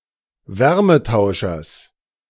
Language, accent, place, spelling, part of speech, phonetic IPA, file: German, Germany, Berlin, Wärmetauschers, noun, [ˈvɛʁməˌtaʊ̯ʃɐs], De-Wärmetauschers.ogg
- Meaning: genitive singular of Wärmetauscher